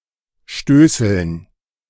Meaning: dative plural of Stößel
- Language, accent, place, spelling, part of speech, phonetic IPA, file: German, Germany, Berlin, Stößeln, noun, [ˈʃtøːsl̩n], De-Stößeln.ogg